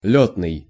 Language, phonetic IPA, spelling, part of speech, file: Russian, [ˈlʲɵtnɨj], лётный, adjective, Ru-лётный.ogg
- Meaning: flying, flight